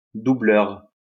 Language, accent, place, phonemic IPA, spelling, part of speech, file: French, France, Lyon, /du.blœʁ/, doubleur, noun, LL-Q150 (fra)-doubleur.wav
- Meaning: 1. dubber 2. doubler